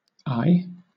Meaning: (interjection) 1. Ah! alas! Expressing anger, alarm, frustration, pain, etc 2. Expressing earnestness, surprise, wonder, etc 3. Used in ay, ay 4. Alternative spelling of aye (“yes”)
- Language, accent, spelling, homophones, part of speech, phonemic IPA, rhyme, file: English, Southern England, ay, aye / eye / I, interjection / noun, /aɪ/, -aɪ, LL-Q1860 (eng)-ay.wav